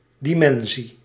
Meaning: 1. dimension (measure of spatial or analogous extent) 2. dimension (number of elements of any basis of a vector space) 3. dimension (set of fundamental measures of a physical quantity)
- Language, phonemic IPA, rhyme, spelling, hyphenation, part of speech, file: Dutch, /ˌdiˈmɛn.si/, -ɛnsi, dimensie, di‧men‧sie, noun, Nl-dimensie.ogg